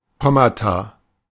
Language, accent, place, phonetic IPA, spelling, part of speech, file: German, Germany, Berlin, [ˈkɔmata], Kommata, noun, De-Kommata.ogg
- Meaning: plural of Komma